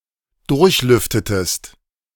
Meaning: inflection of durchlüften: 1. second-person singular preterite 2. second-person singular subjunctive II
- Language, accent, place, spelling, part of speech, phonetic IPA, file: German, Germany, Berlin, durchlüftetest, verb, [ˈdʊʁçˌlʏftətəst], De-durchlüftetest.ogg